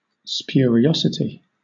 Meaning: 1. Spuriousness 2. That which is spurious; something false or illegitimate
- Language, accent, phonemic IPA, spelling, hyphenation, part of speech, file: English, Southern England, /spjʊə.ɹiˈɒ.sə.ti/, spuriosity, spu‧ri‧o‧si‧ty, noun, LL-Q1860 (eng)-spuriosity.wav